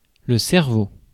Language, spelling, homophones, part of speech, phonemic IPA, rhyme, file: French, cerveau, cerveaux, noun, /sɛʁ.vo/, -o, Fr-cerveau.ogg
- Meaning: 1. brain (organ of thought) 2. sinus cavity, sinuses 3. nostril